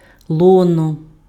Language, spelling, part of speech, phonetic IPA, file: Ukrainian, лоно, noun, [ˈɫɔnɔ], Uk-лоно.ogg
- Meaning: 1. bosom (woman's breasts) 2. belly, loins, womb (of a pregnant female) 3. bosom, lap, womb (a place of rearing, fostering and/or protection)